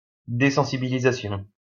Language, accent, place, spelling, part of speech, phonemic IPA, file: French, France, Lyon, désensibilisation, noun, /de.sɑ̃.si.bi.li.za.sjɔ̃/, LL-Q150 (fra)-désensibilisation.wav
- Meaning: desensitization